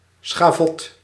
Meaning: a scaffold where public executions or less commonly corporal punishment or other humiliating punishments took place
- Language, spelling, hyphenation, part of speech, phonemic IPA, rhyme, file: Dutch, schavot, scha‧vot, noun, /sxaːˈvɔt/, -ɔt, Nl-schavot.ogg